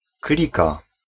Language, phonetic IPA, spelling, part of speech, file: Polish, [ˈklʲika], klika, noun / verb, Pl-klika.ogg